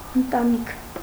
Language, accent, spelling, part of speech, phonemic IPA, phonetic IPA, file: Armenian, Eastern Armenian, ընտանիք, noun, /əntɑˈnikʰ/, [əntɑníkʰ], Hy-ընտանիք.ogg
- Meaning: family